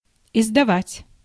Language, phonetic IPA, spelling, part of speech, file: Russian, [ɪzdɐˈvatʲ], издавать, verb, Ru-издавать.ogg
- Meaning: 1. to publish, to print 2. to edit 3. to issue, to promulgate, to enact 4. to utter, to emit, to exhale